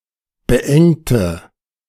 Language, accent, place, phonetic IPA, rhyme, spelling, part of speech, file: German, Germany, Berlin, [bəˈʔɛŋtə], -ɛŋtə, beengte, adjective / verb, De-beengte.ogg
- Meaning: inflection of beengt: 1. strong/mixed nominative/accusative feminine singular 2. strong nominative/accusative plural 3. weak nominative all-gender singular 4. weak accusative feminine/neuter singular